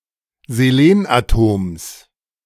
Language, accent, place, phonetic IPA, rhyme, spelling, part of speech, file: German, Germany, Berlin, [zeˈleːnʔaˌtoːms], -eːnʔatoːms, Selenatoms, noun, De-Selenatoms.ogg
- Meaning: genitive singular of Selenatom